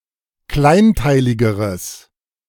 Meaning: strong/mixed nominative/accusative neuter singular comparative degree of kleinteilig
- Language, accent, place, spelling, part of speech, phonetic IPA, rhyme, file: German, Germany, Berlin, kleinteiligeres, adjective, [ˈklaɪ̯nˌtaɪ̯lɪɡəʁəs], -aɪ̯ntaɪ̯lɪɡəʁəs, De-kleinteiligeres.ogg